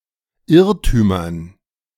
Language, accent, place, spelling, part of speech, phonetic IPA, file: German, Germany, Berlin, Irrtümern, noun, [ˈɪʁtyːmɐn], De-Irrtümern.ogg
- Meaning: dative plural of Irrtum